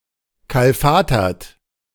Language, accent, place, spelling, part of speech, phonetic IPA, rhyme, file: German, Germany, Berlin, kalfatertet, verb, [ˌkalˈfaːtɐtət], -aːtɐtət, De-kalfatertet.ogg
- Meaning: inflection of kalfatern: 1. second-person plural preterite 2. second-person plural subjunctive II